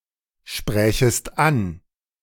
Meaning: second-person singular subjunctive II of ansprechen
- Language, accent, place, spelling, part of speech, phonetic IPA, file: German, Germany, Berlin, sprächest an, verb, [ˌʃpʁɛːçəst ˈan], De-sprächest an.ogg